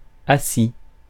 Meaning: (adjective) sat, sat down, seated; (verb) 1. past participle of asseoir 2. first/second-person plural past historic of asseoir 3. masculine plural of assi
- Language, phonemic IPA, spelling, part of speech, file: French, /a.si/, assis, adjective / verb, Fr-assis.ogg